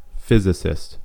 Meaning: A person whose occupation specializes in the science of physics, especially at a professional level
- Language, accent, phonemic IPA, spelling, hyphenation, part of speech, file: English, General American, /ˈfɪzɪsɪst/, physicist, phy‧sic‧ist, noun, En-us-physicist.ogg